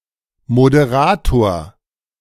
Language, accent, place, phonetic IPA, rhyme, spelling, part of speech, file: German, Germany, Berlin, [modeˈʁaːtoːɐ̯], -aːtoːɐ̯, Moderator, noun, De-Moderator.ogg
- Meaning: 1. moderator (mediator, chairman, web forum administrator) 2. host (US), presenter (UK) 3. moderator (substance to decrease the speed of fast neutrons)